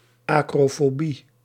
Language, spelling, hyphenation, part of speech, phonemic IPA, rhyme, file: Dutch, acrofobie, acro‧fo‧bie, noun, /ˌɑ.kroː.foːˈbi/, -i, Nl-acrofobie.ogg
- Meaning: acrophobia